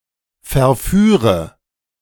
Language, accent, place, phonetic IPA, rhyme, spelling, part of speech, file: German, Germany, Berlin, [fɛɐ̯ˈfyːʁə], -yːʁə, verführe, verb, De-verführe.ogg
- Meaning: inflection of verführen: 1. first-person singular present 2. singular imperative 3. first/third-person singular subjunctive I